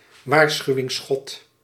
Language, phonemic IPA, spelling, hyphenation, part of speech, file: Dutch, /ˈʋaːr.sxyu̯.ɪŋˌsxɔt/, waarschuwingsschot, waar‧schu‧wings‧schot, noun, Nl-waarschuwingsschot.ogg
- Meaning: a warning shot